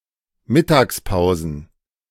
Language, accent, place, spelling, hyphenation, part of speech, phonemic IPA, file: German, Germany, Berlin, Mittagspausen, Mit‧tags‧pau‧sen, noun, /ˈmɪtaːksˌpaʊ̯zn̩/, De-Mittagspausen.ogg
- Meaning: plural of Mittagspause